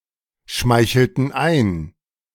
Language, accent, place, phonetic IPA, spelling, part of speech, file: German, Germany, Berlin, [ˌʃmaɪ̯çl̩tn̩ ˈaɪ̯n], schmeichelten ein, verb, De-schmeichelten ein.ogg
- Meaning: inflection of einschmeicheln: 1. first/third-person plural preterite 2. first/third-person plural subjunctive II